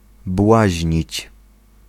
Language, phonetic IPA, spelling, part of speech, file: Polish, [ˈbwaʑɲit͡ɕ], błaźnić, verb, Pl-błaźnić.ogg